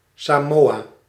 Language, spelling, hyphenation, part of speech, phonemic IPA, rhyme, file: Dutch, Samoa, Sa‧moa, proper noun, /ˌsaːˈmoː.aː/, -oːaː, Nl-Samoa.ogg
- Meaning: Samoa (a country consisting of the western part of the Samoan archipelago in Polynesia, in Oceania)